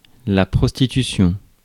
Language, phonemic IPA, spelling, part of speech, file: French, /pʁɔs.ti.ty.sjɔ̃/, prostitution, noun, Fr-prostitution.ogg
- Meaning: prostitution